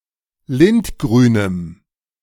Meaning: strong dative masculine/neuter singular of lindgrün
- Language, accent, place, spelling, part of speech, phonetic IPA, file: German, Germany, Berlin, lindgrünem, adjective, [ˈlɪntˌɡʁyːnəm], De-lindgrünem.ogg